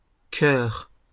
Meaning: nonstandard spelling of cœur
- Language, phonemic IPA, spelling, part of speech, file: French, /kœʁ/, coeur, noun, LL-Q150 (fra)-coeur.wav